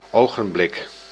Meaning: moment, blink of an eye (instant of time)
- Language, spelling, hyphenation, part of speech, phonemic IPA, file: Dutch, ogenblik, ogen‧blik, noun, /ˌoː.ɣənˈblɪk/, Nl-ogenblik.ogg